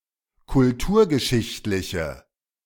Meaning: inflection of kulturgeschichtlich: 1. strong/mixed nominative/accusative feminine singular 2. strong nominative/accusative plural 3. weak nominative all-gender singular
- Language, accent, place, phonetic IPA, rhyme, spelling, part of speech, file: German, Germany, Berlin, [kʊlˈtuːɐ̯ɡəˌʃɪçtlɪçə], -uːɐ̯ɡəʃɪçtlɪçə, kulturgeschichtliche, adjective, De-kulturgeschichtliche.ogg